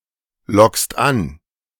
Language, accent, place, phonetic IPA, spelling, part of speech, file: German, Germany, Berlin, [ˌlɔkst ˈan], lockst an, verb, De-lockst an.ogg
- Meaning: second-person singular present of anlocken